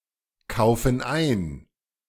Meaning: inflection of einkaufen: 1. first/third-person plural present 2. first/third-person plural subjunctive I
- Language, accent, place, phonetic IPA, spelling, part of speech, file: German, Germany, Berlin, [ˌkaʊ̯fn̩ ˈaɪ̯n], kaufen ein, verb, De-kaufen ein.ogg